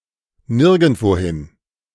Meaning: nowhere (to no place)
- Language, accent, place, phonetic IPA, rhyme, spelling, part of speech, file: German, Germany, Berlin, [ˈnɪʁɡn̩tvoˈhɪn], -ɪn, nirgendwohin, adverb, De-nirgendwohin.ogg